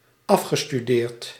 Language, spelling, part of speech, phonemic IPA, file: Dutch, afgestudeerd, verb / adjective, /ˈɑfɣəstyˌdert/, Nl-afgestudeerd.ogg
- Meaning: past participle of afstuderen